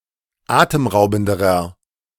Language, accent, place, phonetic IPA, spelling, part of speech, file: German, Germany, Berlin, [ˈaːtəmˌʁaʊ̯bn̩dəʁɐ], atemraubenderer, adjective, De-atemraubenderer.ogg
- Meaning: inflection of atemraubend: 1. strong/mixed nominative masculine singular comparative degree 2. strong genitive/dative feminine singular comparative degree 3. strong genitive plural comparative degree